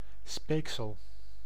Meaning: saliva, spit(tle)
- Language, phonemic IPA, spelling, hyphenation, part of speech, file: Dutch, /ˈspeːk.səl/, speeksel, speek‧sel, noun, Nl-speeksel.ogg